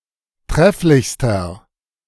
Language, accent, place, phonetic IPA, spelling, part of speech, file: German, Germany, Berlin, [ˈtʁɛflɪçstɐ], trefflichster, adjective, De-trefflichster.ogg
- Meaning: inflection of trefflich: 1. strong/mixed nominative masculine singular superlative degree 2. strong genitive/dative feminine singular superlative degree 3. strong genitive plural superlative degree